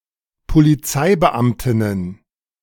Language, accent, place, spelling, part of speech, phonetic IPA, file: German, Germany, Berlin, Polizeibeamtinnen, noun, [poliˈt͡saɪ̯bəˌʔamtɪnən], De-Polizeibeamtinnen.ogg
- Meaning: plural of Polizeibeamtin